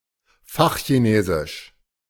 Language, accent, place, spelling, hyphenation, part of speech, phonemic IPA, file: German, Germany, Berlin, Fachchinesisch, Fach‧chi‧ne‧sisch, proper noun, /ˈfaxçiˌneːzɪʃ/, De-Fachchinesisch.ogg
- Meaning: technical terminology, gibberish